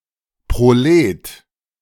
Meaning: 1. proletarian 2. prole, pleb
- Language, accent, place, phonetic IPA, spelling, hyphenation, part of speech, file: German, Germany, Berlin, [pʁoˈleːt], Prolet, Pro‧let, noun, De-Prolet.ogg